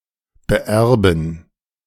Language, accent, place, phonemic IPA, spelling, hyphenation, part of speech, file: German, Germany, Berlin, /bəˈʔɛʁbn̩/, beerben, be‧er‧ben, verb, De-beerben.ogg
- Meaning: to inherit (from someone)